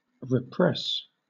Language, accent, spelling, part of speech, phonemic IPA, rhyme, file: English, Southern England, repress, verb, /ɹəˈpɹɛs/, -ɛs, LL-Q1860 (eng)-repress.wav
- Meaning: 1. To forcefully prevent an upheaval from developing further 2. To check; to keep back